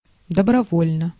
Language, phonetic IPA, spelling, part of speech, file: Russian, [dəbrɐˈvolʲnə], добровольно, adverb, Ru-добровольно.ogg
- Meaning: voluntarily (in a voluntary manner)